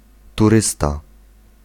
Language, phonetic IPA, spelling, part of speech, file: Polish, [tuˈrɨsta], turysta, noun, Pl-turysta.ogg